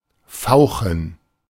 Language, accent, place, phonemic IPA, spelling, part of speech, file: German, Germany, Berlin, /ˈfaʊ̯xən/, fauchen, verb, De-fauchen.ogg
- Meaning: 1. to hiss, to spit, to growl 2. to hiss (e.g., escaping steam) 3. to snap (to speak in an irritable way)